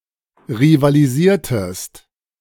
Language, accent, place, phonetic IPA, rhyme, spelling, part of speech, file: German, Germany, Berlin, [ʁivaliˈziːɐ̯təst], -iːɐ̯təst, rivalisiertest, verb, De-rivalisiertest.ogg
- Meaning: inflection of rivalisieren: 1. second-person singular preterite 2. second-person singular subjunctive II